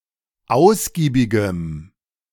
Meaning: strong dative masculine/neuter singular of ausgiebig
- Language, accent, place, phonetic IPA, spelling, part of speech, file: German, Germany, Berlin, [ˈaʊ̯sɡiːbɪɡəm], ausgiebigem, adjective, De-ausgiebigem.ogg